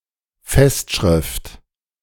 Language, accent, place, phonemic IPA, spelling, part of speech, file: German, Germany, Berlin, /ˈfɛstˌʃʁɪft/, Festschrift, noun, De-Festschrift.ogg
- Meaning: festschrift